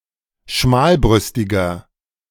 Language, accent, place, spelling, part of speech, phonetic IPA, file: German, Germany, Berlin, schmalbrüstiger, adjective, [ˈʃmaːlˌbʁʏstɪɡɐ], De-schmalbrüstiger.ogg
- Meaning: inflection of schmalbrüstig: 1. strong/mixed nominative masculine singular 2. strong genitive/dative feminine singular 3. strong genitive plural